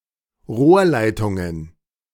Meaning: plural of Rohrleitung
- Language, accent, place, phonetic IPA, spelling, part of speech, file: German, Germany, Berlin, [ˈʁoːɐ̯ˌlaɪ̯tʊŋən], Rohrleitungen, noun, De-Rohrleitungen.ogg